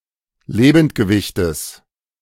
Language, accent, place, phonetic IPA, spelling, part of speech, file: German, Germany, Berlin, [ˈleːbn̩tɡəˌvɪçtəs], Lebendgewichtes, noun, De-Lebendgewichtes.ogg
- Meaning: genitive of Lebendgewicht